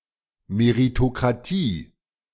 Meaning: meritocracy
- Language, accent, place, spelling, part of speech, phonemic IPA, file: German, Germany, Berlin, Meritokratie, noun, /meʁitokʁaˈtiː/, De-Meritokratie.ogg